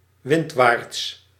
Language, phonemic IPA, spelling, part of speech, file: Dutch, /ˈwɪndwarts/, windwaarts, adjective / adverb, Nl-windwaarts.ogg
- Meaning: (adverb) windward